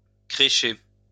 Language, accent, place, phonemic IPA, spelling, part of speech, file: French, France, Lyon, /kʁe.ʃe/, crécher, verb, LL-Q150 (fra)-crécher.wav
- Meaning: to flop (to stay, sleep or live in a place)